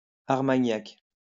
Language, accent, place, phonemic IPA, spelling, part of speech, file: French, France, Lyon, /aʁ.ma.ɲak/, armagnac, noun, LL-Q150 (fra)-armagnac.wav
- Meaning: Armagnac (brandy)